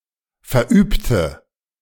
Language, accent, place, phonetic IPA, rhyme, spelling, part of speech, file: German, Germany, Berlin, [fɛɐ̯ˈʔyːptə], -yːptə, verübte, adjective / verb, De-verübte.ogg
- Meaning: inflection of verüben: 1. first/third-person singular preterite 2. first/third-person singular subjunctive II